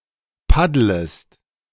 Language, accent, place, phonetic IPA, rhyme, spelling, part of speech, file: German, Germany, Berlin, [ˈpadləst], -adləst, paddlest, verb, De-paddlest.ogg
- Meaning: second-person singular subjunctive I of paddeln